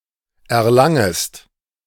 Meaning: second-person singular subjunctive I of erlangen
- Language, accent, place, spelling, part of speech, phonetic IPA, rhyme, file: German, Germany, Berlin, erlangest, verb, [ɛɐ̯ˈlaŋəst], -aŋəst, De-erlangest.ogg